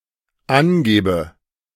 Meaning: inflection of angeben: 1. first-person singular dependent present 2. first/third-person singular dependent subjunctive I
- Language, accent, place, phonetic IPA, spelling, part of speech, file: German, Germany, Berlin, [ˈanˌɡeːbə], angebe, verb, De-angebe.ogg